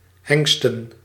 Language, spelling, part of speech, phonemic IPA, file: Dutch, hengsten, verb / noun, /ˈhɛŋstə(n)/, Nl-hengsten.ogg
- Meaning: plural of hengst